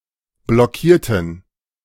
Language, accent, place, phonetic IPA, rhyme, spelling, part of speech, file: German, Germany, Berlin, [blɔˈkiːɐ̯tn̩], -iːɐ̯tn̩, blockierten, adjective / verb, De-blockierten.ogg
- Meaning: inflection of blockieren: 1. first/third-person plural preterite 2. first/third-person plural subjunctive II